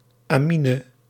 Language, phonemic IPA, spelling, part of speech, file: Dutch, /aːˈminə/, -amine, suffix, Nl--amine.ogg
- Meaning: -amine